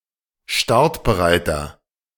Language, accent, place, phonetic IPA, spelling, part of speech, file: German, Germany, Berlin, [ˈʃtaʁtbəˌʁaɪ̯tɐ], startbereiter, adjective, De-startbereiter.ogg
- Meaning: inflection of startbereit: 1. strong/mixed nominative masculine singular 2. strong genitive/dative feminine singular 3. strong genitive plural